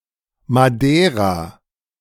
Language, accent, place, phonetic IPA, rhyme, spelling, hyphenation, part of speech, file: German, Germany, Berlin, [maˈdeːʁa], -eːʁa, Madeira, Ma‧dei‧ra, proper noun, De-Madeira.ogg
- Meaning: 1. Madeira (an archipelago in the Atlantic Ocean and an autonomous region of Portugal) 2. Madeira (the largest island in the Madeira Archipelago; in full, Madeira Island)